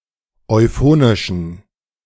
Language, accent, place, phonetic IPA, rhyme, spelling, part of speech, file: German, Germany, Berlin, [ɔɪ̯ˈfoːnɪʃn̩], -oːnɪʃn̩, euphonischen, adjective, De-euphonischen.ogg
- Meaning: inflection of euphonisch: 1. strong genitive masculine/neuter singular 2. weak/mixed genitive/dative all-gender singular 3. strong/weak/mixed accusative masculine singular 4. strong dative plural